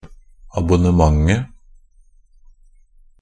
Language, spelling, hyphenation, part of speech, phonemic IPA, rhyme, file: Norwegian Bokmål, abonnementet, ab‧on‧ne‧ment‧et, noun, /abʊnəˈmaŋə/, -aŋə, NB - Pronunciation of Norwegian Bokmål «abonnementet».ogg
- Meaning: definite singular of abonnement